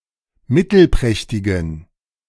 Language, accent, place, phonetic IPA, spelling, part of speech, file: German, Germany, Berlin, [ˈmɪtl̩ˌpʁɛçtɪɡn̩], mittelprächtigen, adjective, De-mittelprächtigen.ogg
- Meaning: inflection of mittelprächtig: 1. strong genitive masculine/neuter singular 2. weak/mixed genitive/dative all-gender singular 3. strong/weak/mixed accusative masculine singular 4. strong dative plural